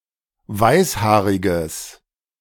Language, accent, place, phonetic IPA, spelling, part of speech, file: German, Germany, Berlin, [ˈvaɪ̯sˌhaːʁɪɡəs], weißhaariges, adjective, De-weißhaariges.ogg
- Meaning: strong/mixed nominative/accusative neuter singular of weißhaarig